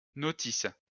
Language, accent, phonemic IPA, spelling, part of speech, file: French, France, /nɔ.tis/, notice, noun, LL-Q150 (fra)-notice.wav
- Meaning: 1. A set of instructions for that the assembling, functions, & maintenance of an appliance 2. A short summary of a work or body of works